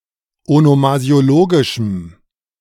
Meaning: strong dative masculine/neuter singular of onomasiologisch
- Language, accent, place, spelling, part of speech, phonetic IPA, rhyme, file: German, Germany, Berlin, onomasiologischem, adjective, [onomazi̯oˈloːɡɪʃm̩], -oːɡɪʃm̩, De-onomasiologischem.ogg